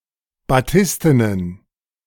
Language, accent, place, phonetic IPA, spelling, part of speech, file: German, Germany, Berlin, [baˈtɪstənən], batistenen, adjective, De-batistenen.ogg
- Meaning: inflection of batisten: 1. strong genitive masculine/neuter singular 2. weak/mixed genitive/dative all-gender singular 3. strong/weak/mixed accusative masculine singular 4. strong dative plural